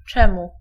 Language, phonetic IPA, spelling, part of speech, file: Polish, [ˈt͡ʃɛ̃mu], czemu, pronoun, Pl-czemu.ogg